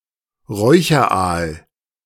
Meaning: smoked eel
- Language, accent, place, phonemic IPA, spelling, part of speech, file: German, Germany, Berlin, /ˈʁɔʏçɐˌʔaːl/, Räucheraal, noun, De-Räucheraal.ogg